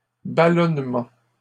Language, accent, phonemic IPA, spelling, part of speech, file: French, Canada, /ba.lɔn.mɑ̃/, ballonnement, noun, LL-Q150 (fra)-ballonnement.wav
- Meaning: 1. ballonnement 2. flatulence, bloating